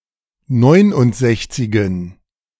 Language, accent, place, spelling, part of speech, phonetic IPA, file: German, Germany, Berlin, Neunundsechzigen, noun, [ˈnɔɪ̯nʊntˌzɛçt͡sɪɡn̩], De-Neunundsechzigen.ogg
- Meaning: plural of Neunundsechzig